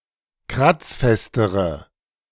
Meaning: inflection of kratzfest: 1. strong/mixed nominative/accusative feminine singular comparative degree 2. strong nominative/accusative plural comparative degree
- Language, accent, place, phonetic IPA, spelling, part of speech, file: German, Germany, Berlin, [ˈkʁat͡sˌfɛstəʁə], kratzfestere, adjective, De-kratzfestere.ogg